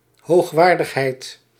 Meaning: 1. the state of being of high quality 2. someone of high rank; an eminence
- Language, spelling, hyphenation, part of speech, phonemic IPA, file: Dutch, hoogwaardigheid, hoog‧waar‧dig‧heid, noun, /ɦoːxˈʋaːr.dəxˌɦɛi̯t/, Nl-hoogwaardigheid.ogg